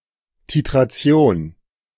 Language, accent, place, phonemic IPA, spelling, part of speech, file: German, Germany, Berlin, /titʁaˈt͡si̯oːn/, Titration, noun, De-Titration.ogg
- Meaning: titration